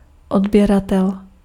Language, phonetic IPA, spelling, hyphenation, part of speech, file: Czech, [ˈodbjɛratɛl], odběratel, od‧bě‧ra‧tel, noun, Cs-odběratel.ogg
- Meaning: customer, subscriber